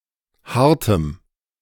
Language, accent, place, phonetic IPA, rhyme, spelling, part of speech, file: German, Germany, Berlin, [ˈhaʁtəm], -aʁtəm, hartem, adjective, De-hartem.ogg
- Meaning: strong dative masculine/neuter singular of hart